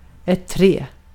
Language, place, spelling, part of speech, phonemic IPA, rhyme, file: Swedish, Gotland, trä, noun / verb, /trɛː/, -ɛː, Sv-trä.ogg
- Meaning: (noun) 1. wood (the material making up the trunk and the branches of a tree) 2. a tree 3. short for slagträ (“a bat”); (verb) to thread (pearls on a string)